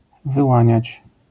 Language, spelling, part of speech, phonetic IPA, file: Polish, wyłaniać, verb, [vɨˈwãɲät͡ɕ], LL-Q809 (pol)-wyłaniać.wav